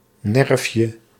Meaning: diminutive of nerf
- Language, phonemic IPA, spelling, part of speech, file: Dutch, /ˈnɛrᵊfjə/, nerfje, noun, Nl-nerfje.ogg